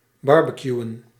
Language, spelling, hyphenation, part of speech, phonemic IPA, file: Dutch, barbecuen, bar‧be‧cu‧en, verb, /ˈbɑrbəˌkjuwə(n)/, Nl-barbecuen.ogg
- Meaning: superseded spelling of barbecueën